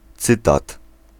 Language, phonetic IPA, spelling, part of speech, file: Polish, [ˈt͡sɨtat], cytat, noun, Pl-cytat.ogg